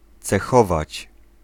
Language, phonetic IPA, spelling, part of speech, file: Polish, [t͡sɛˈxɔvat͡ɕ], cechować, verb, Pl-cechować.ogg